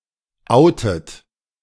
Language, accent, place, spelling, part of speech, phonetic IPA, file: German, Germany, Berlin, outet, verb, [ˈʔaʊ̯tət], De-outet.ogg
- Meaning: inflection of outen: 1. second-person plural present 2. third-person singular present 3. second-person plural subjunctive I 4. plural imperative